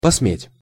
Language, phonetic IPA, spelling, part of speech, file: Russian, [pɐsˈmʲetʲ], посметь, verb, Ru-посметь.ogg
- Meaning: to dare, to make bold